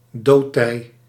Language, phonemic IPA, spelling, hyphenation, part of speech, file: Dutch, /ˈdoː(t).tɛi̯/, doodtij, dood‧tij, noun, Nl-doodtij.ogg
- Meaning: neap tide